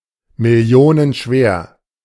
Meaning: multimillion, millions (of)
- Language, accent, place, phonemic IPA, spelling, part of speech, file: German, Germany, Berlin, /mɪˈli̯oːnənˌʃveːɐ̯/, millionenschwer, adjective, De-millionenschwer.ogg